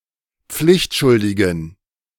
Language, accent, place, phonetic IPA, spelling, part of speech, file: German, Germany, Berlin, [ˈp͡flɪçtˌʃʊldɪɡn̩], pflichtschuldigen, adjective, De-pflichtschuldigen.ogg
- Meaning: inflection of pflichtschuldig: 1. strong genitive masculine/neuter singular 2. weak/mixed genitive/dative all-gender singular 3. strong/weak/mixed accusative masculine singular 4. strong dative plural